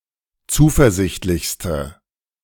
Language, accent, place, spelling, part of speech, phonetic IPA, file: German, Germany, Berlin, zuversichtlichste, adjective, [ˈt͡suːfɛɐ̯ˌzɪçtlɪçstə], De-zuversichtlichste.ogg
- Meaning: inflection of zuversichtlich: 1. strong/mixed nominative/accusative feminine singular superlative degree 2. strong nominative/accusative plural superlative degree